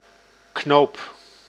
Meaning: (noun) button (knob or small disc serving as a fastener)
- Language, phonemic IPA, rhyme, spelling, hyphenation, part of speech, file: Dutch, /knoːp/, -oːp, knoop, knoop, noun / verb, Nl-knoop.ogg